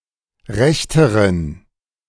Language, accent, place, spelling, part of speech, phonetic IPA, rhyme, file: German, Germany, Berlin, rechteren, adjective, [ˈʁɛçtəʁən], -ɛçtəʁən, De-rechteren.ogg
- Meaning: inflection of recht: 1. strong genitive masculine/neuter singular comparative degree 2. weak/mixed genitive/dative all-gender singular comparative degree